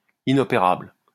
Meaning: inoperable (incapable of being successfully operated on)
- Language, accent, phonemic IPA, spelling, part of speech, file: French, France, /i.nɔ.pe.ʁabl/, inopérable, adjective, LL-Q150 (fra)-inopérable.wav